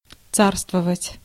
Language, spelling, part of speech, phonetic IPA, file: Russian, царствовать, verb, [ˈt͡sarstvəvətʲ], Ru-царствовать.ogg
- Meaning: to reign